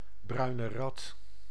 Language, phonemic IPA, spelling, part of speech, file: Dutch, /ˌbrœy̯nə ˈrɑt/, bruine rat, noun, Nl-bruine rat.ogg
- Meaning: brown rat (Rattus norvegicus)